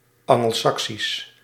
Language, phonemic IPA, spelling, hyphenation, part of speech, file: Dutch, /ˌɑ.ŋəlˈsɑk.sis/, Angelsaksisch, An‧gel‧sak‧sisch, adjective / proper noun, Nl-Angelsaksisch.ogg
- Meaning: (adjective) Anglo-Saxon (pertaining to the West-Germanic peoples in early mediaeval Britain or their language)